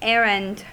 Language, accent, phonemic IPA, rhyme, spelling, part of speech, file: English, US, /ˈɛɹənd/, -ɛɹənd, errand, noun / verb, En-us-errand.ogg
- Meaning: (noun) A journey undertaken to accomplish some task.: A mission or quest